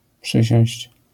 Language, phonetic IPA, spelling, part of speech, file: Polish, [ˈpʃɨɕɔ̃w̃ɕt͡ɕ], przysiąść, verb, LL-Q809 (pol)-przysiąść.wav